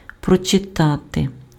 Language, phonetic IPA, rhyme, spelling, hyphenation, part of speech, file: Ukrainian, [prɔt͡ʃeˈtate], -ate, прочитати, про‧чи‧та‧ти, verb, Uk-прочитати.ogg
- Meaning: to read